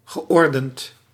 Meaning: past participle of ordenen
- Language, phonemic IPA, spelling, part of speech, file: Dutch, /ɣəˈʔɔrdənt/, geordend, adjective / verb, Nl-geordend.ogg